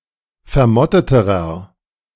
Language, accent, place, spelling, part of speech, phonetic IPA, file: German, Germany, Berlin, vermotteterer, adjective, [fɛɐ̯ˈmɔtətəʁɐ], De-vermotteterer.ogg
- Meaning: inflection of vermottet: 1. strong/mixed nominative masculine singular comparative degree 2. strong genitive/dative feminine singular comparative degree 3. strong genitive plural comparative degree